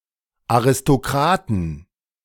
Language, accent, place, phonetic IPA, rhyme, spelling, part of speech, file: German, Germany, Berlin, [aʁɪstoˈkʁaːtn̩], -aːtn̩, Aristokraten, noun, De-Aristokraten.ogg
- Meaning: 1. genitive singular of Aristokrat 2. plural of Aristokrat